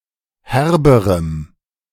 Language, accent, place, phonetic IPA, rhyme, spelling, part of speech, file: German, Germany, Berlin, [ˈhɛʁbəʁəm], -ɛʁbəʁəm, herberem, adjective, De-herberem.ogg
- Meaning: strong dative masculine/neuter singular comparative degree of herb